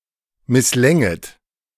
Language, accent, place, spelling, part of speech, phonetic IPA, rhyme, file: German, Germany, Berlin, misslänget, verb, [mɪsˈlɛŋət], -ɛŋət, De-misslänget.ogg
- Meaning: second-person plural subjunctive II of misslingen